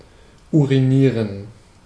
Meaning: to urinate
- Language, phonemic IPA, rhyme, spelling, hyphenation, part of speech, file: German, /uʁiˈniːʁən/, -iːʁən, urinieren, uri‧nie‧ren, verb, De-urinieren.ogg